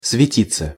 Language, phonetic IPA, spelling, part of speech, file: Russian, [svʲɪˈtʲit͡sːə], светиться, verb, Ru-светиться.ogg
- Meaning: 1. to shine, to glow 2. to attract (unwanted) attention 3. passive of свети́ть (svetítʹ)